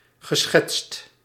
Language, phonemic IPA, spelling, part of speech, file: Dutch, /ɣəˈsxɛtst/, geschetst, verb / adjective, Nl-geschetst.ogg
- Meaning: past participle of schetsen